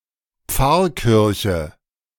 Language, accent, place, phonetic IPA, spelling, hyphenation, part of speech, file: German, Germany, Berlin, [ˈp͡faʁˌkɪʁçə], Pfarrkirche, Pfarr‧kir‧che, noun, De-Pfarrkirche.ogg
- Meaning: parish church